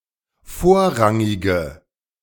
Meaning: inflection of vorrangig: 1. strong/mixed nominative/accusative feminine singular 2. strong nominative/accusative plural 3. weak nominative all-gender singular
- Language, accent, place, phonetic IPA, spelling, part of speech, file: German, Germany, Berlin, [ˈfoːɐ̯ˌʁaŋɪɡə], vorrangige, adjective, De-vorrangige.ogg